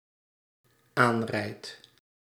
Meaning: second/third-person singular dependent-clause present indicative of aanrijden
- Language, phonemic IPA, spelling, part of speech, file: Dutch, /ˈanrɛit/, aanrijdt, verb, Nl-aanrijdt.ogg